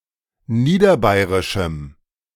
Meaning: strong dative masculine/neuter singular of niederbayrisch
- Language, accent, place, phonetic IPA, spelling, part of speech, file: German, Germany, Berlin, [ˈniːdɐˌbaɪ̯ʁɪʃm̩], niederbayrischem, adjective, De-niederbayrischem.ogg